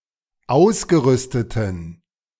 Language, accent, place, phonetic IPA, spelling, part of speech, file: German, Germany, Berlin, [ˈaʊ̯sɡəˌʁʏstətn̩], ausgerüsteten, adjective, De-ausgerüsteten.ogg
- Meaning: inflection of ausgerüstet: 1. strong genitive masculine/neuter singular 2. weak/mixed genitive/dative all-gender singular 3. strong/weak/mixed accusative masculine singular 4. strong dative plural